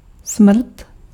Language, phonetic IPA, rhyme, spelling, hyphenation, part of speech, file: Czech, [ˈsmr̩t], -r̩t, smrt, smrt, noun, Cs-smrt.ogg
- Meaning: death